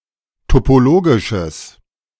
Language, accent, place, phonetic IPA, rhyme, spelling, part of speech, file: German, Germany, Berlin, [topoˈloːɡɪʃəs], -oːɡɪʃəs, topologisches, adjective, De-topologisches.ogg
- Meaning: strong/mixed nominative/accusative neuter singular of topologisch